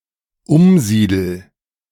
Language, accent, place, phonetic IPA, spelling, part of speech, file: German, Germany, Berlin, [ˈʊmˌziːdl̩], umsiedel, verb, De-umsiedel.ogg
- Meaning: first-person singular dependent present of umsiedeln